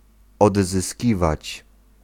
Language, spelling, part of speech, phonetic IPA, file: Polish, odzyskiwać, verb, [ˌɔdzɨˈsʲcivat͡ɕ], Pl-odzyskiwać.ogg